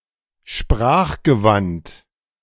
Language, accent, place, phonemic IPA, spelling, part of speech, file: German, Germany, Berlin, /ˈʃpʁaːχɡəˌvant/, sprachgewandt, adjective, De-sprachgewandt.ogg
- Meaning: articulate